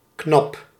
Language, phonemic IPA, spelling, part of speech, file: Dutch, /knɑp/, knap, adjective / adverb / verb, Nl-knap.ogg
- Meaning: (adjective) 1. attractive, handsome, pretty 2. impressive, decent, rather good or big 3. smart, intelligent, gifted, clever 4. lissom, agile, brisk, fresh 5. tight-fitting, shapely